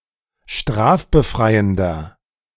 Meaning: inflection of strafbefreiend: 1. strong/mixed nominative masculine singular 2. strong genitive/dative feminine singular 3. strong genitive plural
- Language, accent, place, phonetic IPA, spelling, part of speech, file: German, Germany, Berlin, [ˈʃtʁaːfbəˌfʁaɪ̯əndɐ], strafbefreiender, adjective, De-strafbefreiender.ogg